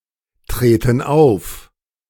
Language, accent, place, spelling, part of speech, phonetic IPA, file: German, Germany, Berlin, treten auf, verb, [ˌtʁeːtn̩ ˈaʊ̯f], De-treten auf.ogg
- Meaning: inflection of auftreten: 1. first/third-person plural present 2. first/third-person plural subjunctive I